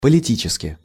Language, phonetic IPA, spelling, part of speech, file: Russian, [pəlʲɪˈtʲit͡ɕɪskʲɪ], политически, adverb, Ru-политически.ogg
- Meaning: politically (in a political manner)